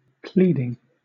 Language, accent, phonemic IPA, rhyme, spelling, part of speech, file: English, Southern England, /ˈpliːdɪŋ/, -iːdɪŋ, pleading, noun / verb / adjective, LL-Q1860 (eng)-pleading.wav
- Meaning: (noun) 1. The act of making a plea 2. A document filed in a lawsuit, particularly a document initiating litigation or responding to the initiation of litigation